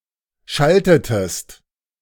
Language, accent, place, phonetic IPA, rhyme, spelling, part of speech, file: German, Germany, Berlin, [ˈʃaltətəst], -altətəst, schaltetest, verb, De-schaltetest.ogg
- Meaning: inflection of schalten: 1. second-person singular preterite 2. second-person singular subjunctive II